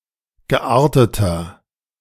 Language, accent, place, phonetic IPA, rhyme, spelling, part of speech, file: German, Germany, Berlin, [ɡəˈʔaːɐ̯tətɐ], -aːɐ̯tətɐ, gearteter, adjective, De-gearteter.ogg
- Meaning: inflection of geartet: 1. strong/mixed nominative masculine singular 2. strong genitive/dative feminine singular 3. strong genitive plural